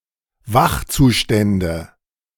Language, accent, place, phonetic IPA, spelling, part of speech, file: German, Germany, Berlin, [ˈvaxt͡suˌʃtɛndə], Wachzustände, noun, De-Wachzustände.ogg
- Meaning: nominative/accusative/genitive plural of Wachzustand